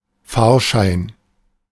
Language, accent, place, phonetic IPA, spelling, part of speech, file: German, Germany, Berlin, [ˈfaːʃaɪn], Fahrschein, noun, De-Fahrschein.ogg
- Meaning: ticket (pass for transportation)